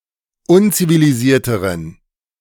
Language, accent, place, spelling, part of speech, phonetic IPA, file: German, Germany, Berlin, unzivilisierteren, adjective, [ˈʊnt͡siviliˌziːɐ̯təʁən], De-unzivilisierteren.ogg
- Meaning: inflection of unzivilisiert: 1. strong genitive masculine/neuter singular comparative degree 2. weak/mixed genitive/dative all-gender singular comparative degree